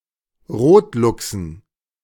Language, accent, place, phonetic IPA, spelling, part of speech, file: German, Germany, Berlin, [ˈʁoːtˌlʊksn̩], Rotluchsen, noun, De-Rotluchsen.ogg
- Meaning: dative plural of Rotluchs